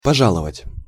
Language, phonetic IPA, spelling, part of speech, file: Russian, [pɐˈʐaɫəvətʲ], пожаловать, verb, Ru-пожаловать.ogg
- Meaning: 1. to grant (to); to bestow, to confer (on); to reward, to award (stilted style) 2. to visit, to come to see (stilted style or jocular) 3. to favour/favor, to regard with favour/favor; to like